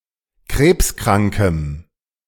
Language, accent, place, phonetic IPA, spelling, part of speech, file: German, Germany, Berlin, [ˈkʁeːpsˌkʁaŋkəm], krebskrankem, adjective, De-krebskrankem.ogg
- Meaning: strong dative masculine/neuter singular of krebskrank